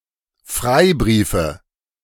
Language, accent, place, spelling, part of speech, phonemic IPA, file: German, Germany, Berlin, Freibriefe, noun, /ˈfʁaɪ̯ˌbʁiːfə/, De-Freibriefe.ogg
- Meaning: nominative/accusative/genitive plural of Freibrief